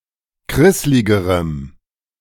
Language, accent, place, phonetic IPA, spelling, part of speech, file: German, Germany, Berlin, [ˈkʁɪslɪɡəʁəm], krissligerem, adjective, De-krissligerem.ogg
- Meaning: strong dative masculine/neuter singular comparative degree of krisslig